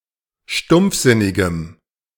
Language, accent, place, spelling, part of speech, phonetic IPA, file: German, Germany, Berlin, stumpfsinnigem, adjective, [ˈʃtʊmp͡fˌzɪnɪɡəm], De-stumpfsinnigem.ogg
- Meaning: strong dative masculine/neuter singular of stumpfsinnig